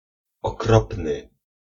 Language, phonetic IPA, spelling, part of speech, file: Polish, [ɔˈkrɔpnɨ], okropny, adjective, Pl-okropny.ogg